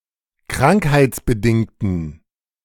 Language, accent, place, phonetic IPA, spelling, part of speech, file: German, Germany, Berlin, [ˈkʁaŋkhaɪ̯t͡sbəˌdɪŋtn̩], krankheitsbedingten, adjective, De-krankheitsbedingten.ogg
- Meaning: inflection of krankheitsbedingt: 1. strong genitive masculine/neuter singular 2. weak/mixed genitive/dative all-gender singular 3. strong/weak/mixed accusative masculine singular